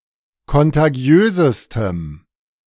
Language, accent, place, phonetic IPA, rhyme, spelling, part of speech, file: German, Germany, Berlin, [kɔntaˈɡi̯øːzəstəm], -øːzəstəm, kontagiösestem, adjective, De-kontagiösestem.ogg
- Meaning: strong dative masculine/neuter singular superlative degree of kontagiös